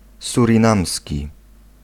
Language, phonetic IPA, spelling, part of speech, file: Polish, [ˌsurʲĩˈnãmsʲci], surinamski, adjective, Pl-surinamski.ogg